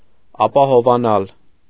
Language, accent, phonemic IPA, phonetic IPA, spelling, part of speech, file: Armenian, Eastern Armenian, /ɑpɑhovɑˈnɑl/, [ɑpɑhovɑnɑ́l], ապահովանալ, verb, Hy-ապահովանալ.ogg
- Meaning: 1. to become sure, assured 2. to become safe